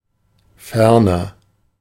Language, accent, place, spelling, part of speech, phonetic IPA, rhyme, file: German, Germany, Berlin, ferner, adverb / adjective, [ˈfɛʁnɐ], -ɛʁnɐ, De-ferner.ogg
- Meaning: furthermore, in addition